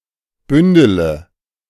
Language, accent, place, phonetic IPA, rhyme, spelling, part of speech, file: German, Germany, Berlin, [ˈbʏndələ], -ʏndələ, bündele, verb, De-bündele.ogg
- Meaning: inflection of bündeln: 1. first-person singular present 2. first/third-person singular subjunctive I 3. singular imperative